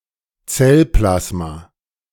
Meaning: cytoplasm
- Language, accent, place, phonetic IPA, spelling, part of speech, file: German, Germany, Berlin, [ˈt͡sɛlˌplasma], Zellplasma, noun, De-Zellplasma.ogg